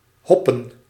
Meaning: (verb) 1. synonym of huppen (“to hop”) 2. to hop (add hops to beer); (noun) plural of hop
- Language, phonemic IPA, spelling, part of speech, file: Dutch, /ˈɦɔpə(n)/, hoppen, verb / noun, Nl-hoppen.ogg